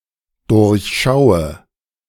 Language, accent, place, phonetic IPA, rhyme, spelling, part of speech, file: German, Germany, Berlin, [ˌdʊʁçˈʃaʊ̯ə], -aʊ̯ə, durchschaue, verb, De-durchschaue.ogg
- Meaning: inflection of durchschauen: 1. first-person singular dependent present 2. first/third-person singular dependent subjunctive I